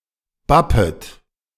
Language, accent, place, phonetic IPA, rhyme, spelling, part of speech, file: German, Germany, Berlin, [ˈbapət], -apət, bappet, verb, De-bappet.ogg
- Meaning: second-person plural subjunctive I of bappen